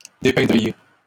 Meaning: second-person plural conditional of dépeindre
- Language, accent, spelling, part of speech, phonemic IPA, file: French, Canada, dépeindriez, verb, /de.pɛ̃.dʁi.je/, LL-Q150 (fra)-dépeindriez.wav